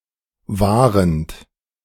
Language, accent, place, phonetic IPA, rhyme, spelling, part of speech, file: German, Germany, Berlin, [ˈvaːʁənt], -aːʁənt, wahrend, verb, De-wahrend.ogg
- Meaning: present participle of wahren